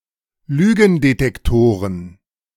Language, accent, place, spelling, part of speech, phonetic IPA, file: German, Germany, Berlin, Lügendetektoren, noun, [ˈlyːɡn̩detɛkˌtoːʁən], De-Lügendetektoren.ogg
- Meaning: plural of Lügendetektor